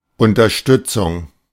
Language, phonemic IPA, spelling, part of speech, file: German, /ʊntɐˈʃtʏt͡sʊŋ/, Unterstützung, noun, De-Unterstützung.oga
- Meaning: 1. support, assistance, backing, also endorsement 2. that which supports: a person; helper 3. that which supports: a contrivance, installation; support pole, bolstering